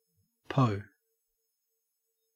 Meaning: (noun) 1. A peacock 2. A chamberpot 3. The police; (adjective) Thinner; with more water added to dilute it
- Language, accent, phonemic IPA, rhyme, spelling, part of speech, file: English, Australia, /pəʊ/, -əʊ, po, noun / adjective, En-au-po.ogg